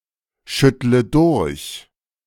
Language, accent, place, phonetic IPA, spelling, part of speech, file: German, Germany, Berlin, [ˌʃʏtlə ˈdʊʁç], schüttle durch, verb, De-schüttle durch.ogg
- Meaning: inflection of durchschütteln: 1. first-person singular present 2. first/third-person singular subjunctive I 3. singular imperative